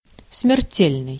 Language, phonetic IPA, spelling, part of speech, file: Russian, [smʲɪrˈtʲelʲnɨj], смертельный, adjective, Ru-смертельный.ogg
- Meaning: 1. mortal, deadly, lethal, fatal 2. death; death-defying